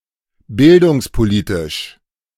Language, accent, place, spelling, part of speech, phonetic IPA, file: German, Germany, Berlin, bildungspolitisch, adjective, [ˈbɪldʊŋspoˌliːtɪʃ], De-bildungspolitisch.ogg
- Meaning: of educational policy